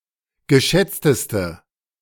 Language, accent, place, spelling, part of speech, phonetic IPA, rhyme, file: German, Germany, Berlin, geschätzteste, adjective, [ɡəˈʃɛt͡stəstə], -ɛt͡stəstə, De-geschätzteste.ogg
- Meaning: inflection of geschätzt: 1. strong/mixed nominative/accusative feminine singular superlative degree 2. strong nominative/accusative plural superlative degree